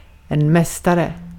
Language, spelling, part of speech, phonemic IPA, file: Swedish, mästare, noun, /ˈmɛsˌtarɛ/, Sv-mästare.ogg
- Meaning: 1. a master (expert at something, or spiritual teacher or the like) 2. a master (fully educated tradesman, no longer an apprentice or journeyman) 3. a champion (winner of a competition)